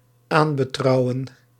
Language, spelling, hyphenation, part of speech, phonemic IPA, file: Dutch, aanbetrouwen, aan‧be‧trou‧wen, verb, /ˈaːn.bəˌtrɑu̯.ə(n)/, Nl-aanbetrouwen.ogg
- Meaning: to entrust